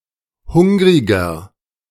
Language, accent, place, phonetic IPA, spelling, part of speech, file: German, Germany, Berlin, [ˈhʊŋʁɪɡɐ], hungriger, adjective, De-hungriger.ogg
- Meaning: 1. comparative degree of hungrig 2. inflection of hungrig: strong/mixed nominative masculine singular 3. inflection of hungrig: strong genitive/dative feminine singular